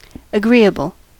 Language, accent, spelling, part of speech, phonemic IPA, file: English, US, agreeable, adjective / noun, /əˈɡɹiəbəl/, En-us-agreeable.ogg
- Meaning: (adjective) 1. Able to agree; possible to be agreed 2. Pleasant to the senses or the mind; pleasing, satisfying, palatable 3. Willing; ready to agree or consent